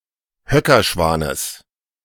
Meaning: genitive singular of Höckerschwan
- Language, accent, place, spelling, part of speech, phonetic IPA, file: German, Germany, Berlin, Höckerschwanes, noun, [ˈhœkɐˌʃvaːnəs], De-Höckerschwanes.ogg